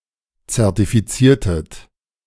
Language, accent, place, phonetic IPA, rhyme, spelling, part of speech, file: German, Germany, Berlin, [t͡sɛʁtifiˈt͡siːɐ̯tət], -iːɐ̯tət, zertifiziertet, verb, De-zertifiziertet.ogg
- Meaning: inflection of zertifizieren: 1. second-person plural preterite 2. second-person plural subjunctive II